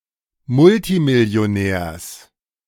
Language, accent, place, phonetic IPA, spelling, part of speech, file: German, Germany, Berlin, [ˈmʊltimɪli̯oˌnɛːɐ̯s], Multimillionärs, noun, De-Multimillionärs.ogg
- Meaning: genitive singular of Multimillionär